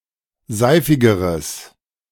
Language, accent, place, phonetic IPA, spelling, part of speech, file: German, Germany, Berlin, [ˈzaɪ̯fɪɡəʁəs], seifigeres, adjective, De-seifigeres.ogg
- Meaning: strong/mixed nominative/accusative neuter singular comparative degree of seifig